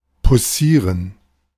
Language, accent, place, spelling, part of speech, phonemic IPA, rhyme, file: German, Germany, Berlin, poussieren, verb, /puˈsiːʁən/, -iːʁən, De-poussieren.ogg
- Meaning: to flirt